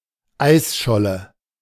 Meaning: ice floe
- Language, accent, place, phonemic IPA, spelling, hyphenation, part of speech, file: German, Germany, Berlin, /ˈaɪ̯sʃɔlə/, Eisscholle, Eis‧schol‧le, noun, De-Eisscholle.ogg